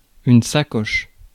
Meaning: 1. bag 2. pannier, saddlebag 3. handbag 4. bumbag 5. pouch (for electronic equipment)
- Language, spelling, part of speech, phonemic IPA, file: French, sacoche, noun, /sa.kɔʃ/, Fr-sacoche.ogg